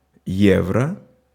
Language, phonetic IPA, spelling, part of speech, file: Russian, [ˈjevrə], евро, noun, Ru-евро.ogg
- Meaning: euro (€, currency)